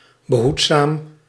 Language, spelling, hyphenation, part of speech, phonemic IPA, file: Dutch, behoedzaam, be‧hoed‧zaam, adjective, /bəˈɦut.saːm/, Nl-behoedzaam.ogg
- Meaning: careful, cautious